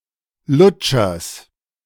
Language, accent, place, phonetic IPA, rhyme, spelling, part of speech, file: German, Germany, Berlin, [ˈlʊt͡ʃɐs], -ʊt͡ʃɐs, Lutschers, noun, De-Lutschers.ogg
- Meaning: genitive singular of Lutscher